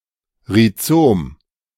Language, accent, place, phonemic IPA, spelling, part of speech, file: German, Germany, Berlin, /ʁiˈt͡soːm/, Rhizom, noun, De-Rhizom.ogg
- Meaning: rhizome